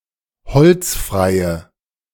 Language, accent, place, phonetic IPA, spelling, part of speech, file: German, Germany, Berlin, [ˈhɔlt͡sˌfʁaɪ̯ə], holzfreie, adjective, De-holzfreie.ogg
- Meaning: inflection of holzfrei: 1. strong/mixed nominative/accusative feminine singular 2. strong nominative/accusative plural 3. weak nominative all-gender singular